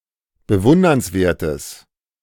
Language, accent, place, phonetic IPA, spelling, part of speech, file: German, Germany, Berlin, [bəˈvʊndɐnsˌveːɐ̯təs], bewundernswertes, adjective, De-bewundernswertes.ogg
- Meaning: strong/mixed nominative/accusative neuter singular of bewundernswert